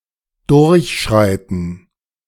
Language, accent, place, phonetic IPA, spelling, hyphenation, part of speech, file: German, Germany, Berlin, [dʊʁçˈʃʁaɪ̯tn̩], durchschreiten, durch‧schrei‧ten, verb, De-durchschreiten.ogg
- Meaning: to cross, to traverse